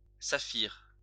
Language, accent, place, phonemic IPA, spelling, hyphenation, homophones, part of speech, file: French, France, Lyon, /sa.fiʁ/, saphir, sa‧phir, saphirs, adjective / noun, LL-Q150 (fra)-saphir.wav
- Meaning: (adjective) sapphire (color); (noun) sapphire (gemstone)